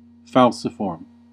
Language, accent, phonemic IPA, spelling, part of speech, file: English, US, /ˈfæl.sɪ.fɔɹm/, falciform, adjective, En-us-falciform.ogg
- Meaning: Sickle-shaped